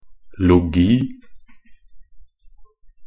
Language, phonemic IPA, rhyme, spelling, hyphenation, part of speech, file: Norwegian Bokmål, /lʊˈɡiː/, -ʊɡiː, -logi, -lo‧gi, suffix, Nb--logi.ogg
- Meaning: 1. -logy (a branch of learning; a study of a particular subject) 2. -logy (something said, or a way of speaking, a narrative)